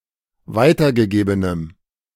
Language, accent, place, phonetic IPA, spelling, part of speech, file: German, Germany, Berlin, [ˈvaɪ̯tɐɡəˌɡeːbənəm], weitergegebenem, adjective, De-weitergegebenem.ogg
- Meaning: strong dative masculine/neuter singular of weitergegeben